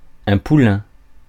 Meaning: 1. foal (young horse) 2. protégé; mentee
- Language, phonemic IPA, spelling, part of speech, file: French, /pu.lɛ̃/, poulain, noun, Fr-poulain.ogg